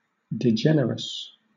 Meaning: Degenerate; base
- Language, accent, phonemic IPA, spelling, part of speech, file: English, Southern England, /dɪˈdʒɛnəɹəs/, degenerous, adjective, LL-Q1860 (eng)-degenerous.wav